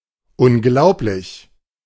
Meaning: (adjective) unbelievable, incredible; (adverb) unbelievably, incredibly (to an extent not to be believed)
- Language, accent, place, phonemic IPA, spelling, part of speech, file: German, Germany, Berlin, /ʊnˈɡlau̯plɪç/, unglaublich, adjective / adverb, De-unglaublich.ogg